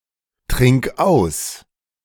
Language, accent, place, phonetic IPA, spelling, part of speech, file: German, Germany, Berlin, [ˌtʁɪŋk ˈaʊ̯s], trink aus, verb, De-trink aus.ogg
- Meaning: singular imperative of austrinken